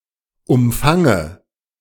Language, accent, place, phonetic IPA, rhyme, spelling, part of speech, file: German, Germany, Berlin, [ʊmˈfaŋə], -aŋə, umfange, verb, De-umfange.ogg
- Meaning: inflection of umfangen: 1. first-person singular present 2. first/third-person singular subjunctive I 3. singular imperative